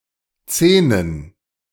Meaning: plural of Zehn
- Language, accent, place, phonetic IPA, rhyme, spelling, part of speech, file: German, Germany, Berlin, [ˈt͡seːnən], -eːnən, Zehnen, noun, De-Zehnen.ogg